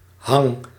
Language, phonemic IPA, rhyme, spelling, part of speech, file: Dutch, /ɦɑŋ/, -ɑŋ, hang, noun / verb, Nl-hang.ogg
- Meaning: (noun) 1. a support for hanging objects, such as a nail for a picture frame 2. a place to dry or smoke produce 3. a hankering, desire